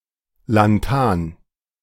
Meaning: lanthanum
- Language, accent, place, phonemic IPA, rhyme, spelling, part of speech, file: German, Germany, Berlin, /lanˈtaːn/, -aːn, Lanthan, noun, De-Lanthan.ogg